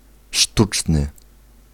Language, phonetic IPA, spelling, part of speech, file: Polish, [ˈʃtut͡ʃnɨ], sztuczny, adjective, Pl-sztuczny.ogg